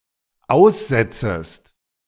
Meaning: second-person singular dependent subjunctive I of aussetzen
- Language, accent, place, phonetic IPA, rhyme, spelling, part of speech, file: German, Germany, Berlin, [ˈaʊ̯sˌzɛt͡səst], -aʊ̯szɛt͡səst, aussetzest, verb, De-aussetzest.ogg